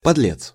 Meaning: wretch, scoundrel, rascal (having a dishonest and low character)
- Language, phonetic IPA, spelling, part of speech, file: Russian, [pɐdˈlʲet͡s], подлец, noun, Ru-подлец.ogg